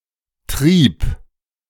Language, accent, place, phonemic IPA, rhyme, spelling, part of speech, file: German, Germany, Berlin, /tʁiːp/, -iːp, Trieb, noun, De-Trieb.ogg
- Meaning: 1. sprout 2. drive (desire or interest) 3. urge, impulse, desire